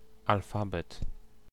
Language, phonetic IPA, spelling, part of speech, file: Polish, [alˈfabɛt], alfabet, noun, Pl-alfabet.ogg